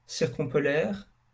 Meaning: circumpolar
- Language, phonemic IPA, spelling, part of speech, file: French, /siʁ.kɔ̃.pɔ.lɛʁ/, circumpolaire, adjective, LL-Q150 (fra)-circumpolaire.wav